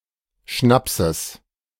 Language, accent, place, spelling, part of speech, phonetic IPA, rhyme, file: German, Germany, Berlin, Schnapses, noun, [ˈʃnapsəs], -apsəs, De-Schnapses.ogg
- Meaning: genitive singular of Schnaps